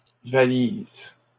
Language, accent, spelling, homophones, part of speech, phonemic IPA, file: French, Canada, valises, valise / valisent, noun, /va.liz/, LL-Q150 (fra)-valises.wav
- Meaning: 1. plural of valise 2. eyebags